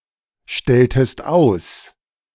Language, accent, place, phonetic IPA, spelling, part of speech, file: German, Germany, Berlin, [ˌʃtɛltəst ˈaʊ̯s], stelltest aus, verb, De-stelltest aus.ogg
- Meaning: inflection of ausstellen: 1. second-person singular preterite 2. second-person singular subjunctive II